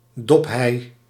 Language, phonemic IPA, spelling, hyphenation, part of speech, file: Dutch, /ˈdɔp.ɦɛi̯/, dophei, dop‧hei, noun, Nl-dophei.ogg
- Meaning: alternative form of dopheide